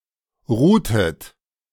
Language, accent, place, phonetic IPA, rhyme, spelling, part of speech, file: German, Germany, Berlin, [ˈʁuːtət], -uːtət, ruhtet, verb, De-ruhtet.ogg
- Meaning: inflection of ruhen: 1. second-person plural preterite 2. second-person plural subjunctive II